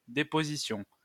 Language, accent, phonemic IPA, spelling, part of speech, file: French, France, /de.po.zi.sjɔ̃/, déposition, noun, LL-Q150 (fra)-déposition.wav
- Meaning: deposition, statement, testimony